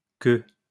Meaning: plural of queue
- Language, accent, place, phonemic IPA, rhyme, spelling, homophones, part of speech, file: French, France, Lyon, /kø/, -ø, queues, queue, noun, LL-Q150 (fra)-queues.wav